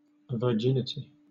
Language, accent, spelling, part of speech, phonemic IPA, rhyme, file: English, Southern England, virginity, noun, /və(ɹ)ˈd͡ʒɪnɪti/, -ɪnɪti, LL-Q1860 (eng)-virginity.wav
- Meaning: The state or characteristic of being a virgin